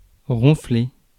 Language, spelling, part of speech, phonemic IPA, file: French, ronfler, verb, /ʁɔ̃.fle/, Fr-ronfler.ogg
- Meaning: 1. to snore 2. to snort (of a horse etc) 3. to roar